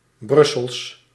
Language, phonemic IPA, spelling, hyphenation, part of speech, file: Dutch, /ˈbrʏ.səls/, Brussels, Brus‧sels, adjective, Nl-Brussels.ogg
- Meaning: of, from or pertaining to Brussels